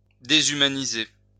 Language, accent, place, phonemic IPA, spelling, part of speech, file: French, France, Lyon, /de.zy.ma.ni.ze/, déshumaniser, verb, LL-Q150 (fra)-déshumaniser.wav
- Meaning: to dehumanize